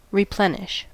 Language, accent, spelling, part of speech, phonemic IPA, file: English, US, replenish, verb, /ɹɪˈplɛn.ɪʃ/, En-us-replenish.ogg
- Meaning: 1. To refill; to renew; to supply again or to add a fresh quantity to 2. To fill up; to complete; to supply fully 3. To finish; to complete; to perfect